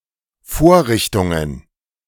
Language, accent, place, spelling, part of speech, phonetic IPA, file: German, Germany, Berlin, Vorrichtungen, noun, [ˈfoːɐ̯ˌʁɪçtʊŋən], De-Vorrichtungen.ogg
- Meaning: plural of Vorrichtung